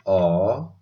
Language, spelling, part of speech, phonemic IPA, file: Odia, ଅ, character, /ɔ/, Or-ଅ.oga
- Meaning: The first character in the Odia abugida